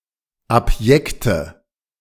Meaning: inflection of abjekt: 1. strong/mixed nominative/accusative feminine singular 2. strong nominative/accusative plural 3. weak nominative all-gender singular 4. weak accusative feminine/neuter singular
- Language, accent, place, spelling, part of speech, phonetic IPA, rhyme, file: German, Germany, Berlin, abjekte, adjective, [apˈjɛktə], -ɛktə, De-abjekte.ogg